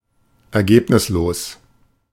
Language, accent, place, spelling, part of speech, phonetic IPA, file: German, Germany, Berlin, ergebnislos, adjective, [ɛɐ̯ˈɡeːpnɪsloːs], De-ergebnislos.ogg
- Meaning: 1. unsuccessful, fruitless 2. inconclusive, indecisive